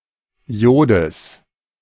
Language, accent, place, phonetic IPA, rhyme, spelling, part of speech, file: German, Germany, Berlin, [ˈi̯oːdəs], -oːdəs, Iodes, noun, De-Iodes.ogg
- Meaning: genitive singular of Iod